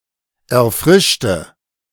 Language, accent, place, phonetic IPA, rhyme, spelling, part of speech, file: German, Germany, Berlin, [ɛɐ̯ˈfʁɪʃtə], -ɪʃtə, erfrischte, adjective / verb, De-erfrischte.ogg
- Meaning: inflection of erfrischen: 1. first/third-person singular preterite 2. first/third-person singular subjunctive II